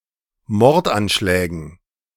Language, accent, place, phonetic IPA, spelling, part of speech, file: German, Germany, Berlin, [ˈmɔʁtʔanˌʃlɛːɡn̩], Mordanschlägen, noun, De-Mordanschlägen.ogg
- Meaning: dative plural of Mordanschlag